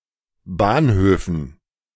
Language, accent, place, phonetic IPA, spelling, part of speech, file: German, Germany, Berlin, [ˈbaːnˌhøːfn̩], Bahnhöfen, noun, De-Bahnhöfen.ogg
- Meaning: dative plural of Bahnhof